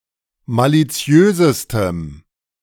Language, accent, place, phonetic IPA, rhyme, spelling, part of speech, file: German, Germany, Berlin, [ˌmaliˈt͡si̯øːzəstəm], -øːzəstəm, maliziösestem, adjective, De-maliziösestem.ogg
- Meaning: strong dative masculine/neuter singular superlative degree of maliziös